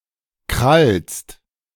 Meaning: second-person singular present of krallen
- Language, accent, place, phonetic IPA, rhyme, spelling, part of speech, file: German, Germany, Berlin, [kʁalst], -alst, krallst, verb, De-krallst.ogg